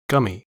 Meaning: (adjective) Showing the gums; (noun) 1. Clipping of gummy shark 2. A sheep that is losing or has lost its teeth; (adjective) Resembling gum (the substance)
- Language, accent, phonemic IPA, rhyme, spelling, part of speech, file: English, US, /ˈɡʌmi/, -ʌmi, gummy, adjective / noun, En-us-gummy.ogg